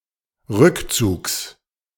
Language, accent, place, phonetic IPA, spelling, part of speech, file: German, Germany, Berlin, [ˈʁʏkˌt͡suːks], Rückzugs, noun, De-Rückzugs.ogg
- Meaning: genitive singular of Rückzug